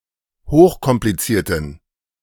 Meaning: inflection of hochkompliziert: 1. strong genitive masculine/neuter singular 2. weak/mixed genitive/dative all-gender singular 3. strong/weak/mixed accusative masculine singular 4. strong dative plural
- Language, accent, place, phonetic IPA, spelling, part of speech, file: German, Germany, Berlin, [ˈhoːxkɔmpliˌt͡siːɐ̯tən], hochkomplizierten, adjective, De-hochkomplizierten.ogg